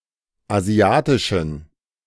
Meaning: inflection of asiatisch: 1. strong genitive masculine/neuter singular 2. weak/mixed genitive/dative all-gender singular 3. strong/weak/mixed accusative masculine singular 4. strong dative plural
- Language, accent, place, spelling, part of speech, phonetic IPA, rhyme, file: German, Germany, Berlin, asiatischen, adjective, [aˈzi̯aːtɪʃn̩], -aːtɪʃn̩, De-asiatischen.ogg